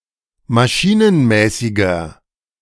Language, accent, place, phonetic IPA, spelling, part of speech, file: German, Germany, Berlin, [maˈʃiːnənˌmɛːsɪɡɐ], maschinenmäßiger, adjective, De-maschinenmäßiger.ogg
- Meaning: 1. comparative degree of maschinenmäßig 2. inflection of maschinenmäßig: strong/mixed nominative masculine singular 3. inflection of maschinenmäßig: strong genitive/dative feminine singular